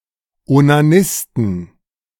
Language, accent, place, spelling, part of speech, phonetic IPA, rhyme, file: German, Germany, Berlin, Onanisten, noun, [onaˈnɪstn̩], -ɪstn̩, De-Onanisten.ogg
- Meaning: inflection of Onanist: 1. genitive/dative/accusative singular 2. nominative/genitive/dative/accusative plural